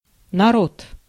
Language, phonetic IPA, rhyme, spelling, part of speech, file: Russian, [nɐˈrot], -ot, народ, noun, Ru-народ.ogg
- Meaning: 1. people 2. nation